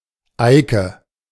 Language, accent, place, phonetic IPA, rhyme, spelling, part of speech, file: German, Germany, Berlin, [ˈaɪ̯kə], -aɪ̯kə, Eike, proper noun, De-Eike.ogg
- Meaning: a unisex given name